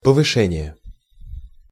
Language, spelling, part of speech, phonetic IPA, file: Russian, повышение, noun, [pəvɨˈʂɛnʲɪje], Ru-повышение.ogg
- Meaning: raise, promotion